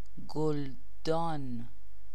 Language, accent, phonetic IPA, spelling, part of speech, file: Persian, Iran, [ɡ̥ol̪.d̪ɒ́ːn], گلدان, noun, Fa-گلدان.ogg
- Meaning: 1. flowerpot 2. vase